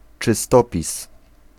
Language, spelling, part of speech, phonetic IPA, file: Polish, czystopis, noun, [t͡ʃɨˈstɔpʲis], Pl-czystopis.ogg